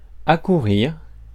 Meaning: to rush up, run up, hurry
- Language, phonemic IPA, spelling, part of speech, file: French, /a.ku.ʁiʁ/, accourir, verb, Fr-accourir.ogg